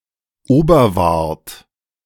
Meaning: a municipality of Burgenland, Austria
- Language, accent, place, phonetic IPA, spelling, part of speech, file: German, Germany, Berlin, [ˈoːbɐˌvaʁt], Oberwart, proper noun, De-Oberwart.ogg